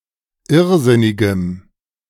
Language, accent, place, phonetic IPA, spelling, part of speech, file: German, Germany, Berlin, [ˈɪʁˌzɪnɪɡəm], irrsinnigem, adjective, De-irrsinnigem.ogg
- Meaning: strong dative masculine/neuter singular of irrsinnig